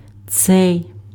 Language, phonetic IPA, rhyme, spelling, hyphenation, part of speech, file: Ukrainian, [t͡sɛi̯], -ɛi̯, цей, цей, determiner, Uk-цей.ogg
- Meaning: this